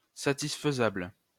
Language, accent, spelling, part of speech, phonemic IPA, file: French, France, satisfaisable, adjective, /sa.tis.fə.zabl/, LL-Q150 (fra)-satisfaisable.wav
- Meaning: satisfiable